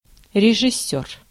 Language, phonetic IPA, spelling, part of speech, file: Russian, [rʲɪʐɨˈsʲɵr], режиссёр, noun, Ru-режиссёр.ogg
- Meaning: director